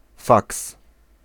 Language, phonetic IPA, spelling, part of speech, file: Polish, [faks], faks, noun, Pl-faks.ogg